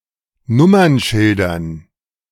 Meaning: dative plural of Nummernschild
- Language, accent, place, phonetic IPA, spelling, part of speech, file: German, Germany, Berlin, [ˈnʊmɐnˌʃɪldɐn], Nummernschildern, noun, De-Nummernschildern.ogg